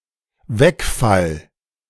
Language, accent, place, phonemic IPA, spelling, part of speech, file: German, Germany, Berlin, /ˈvɛkˌfal/, Wegfall, noun, De-Wegfall.ogg
- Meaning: 1. omission 2. elimination 3. discontinuation, lapse